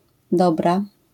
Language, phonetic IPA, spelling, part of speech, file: Polish, [ˈdɔbra], Dobra, proper noun, LL-Q809 (pol)-Dobra.wav